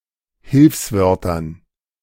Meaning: dative plural of Hilfswort
- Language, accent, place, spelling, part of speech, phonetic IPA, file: German, Germany, Berlin, Hilfswörtern, noun, [ˈhɪlfsˌvœʁtɐn], De-Hilfswörtern.ogg